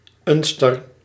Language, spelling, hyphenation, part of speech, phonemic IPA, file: Dutch, unster, un‧ster, noun, /ˈʏnstər/, Nl-unster.ogg
- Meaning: 1. steelyard (balance, scale) 2. spring balance